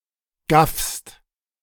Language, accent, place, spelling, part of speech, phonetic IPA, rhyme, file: German, Germany, Berlin, gaffst, verb, [ɡafst], -afst, De-gaffst.ogg
- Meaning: second-person singular present of gaffen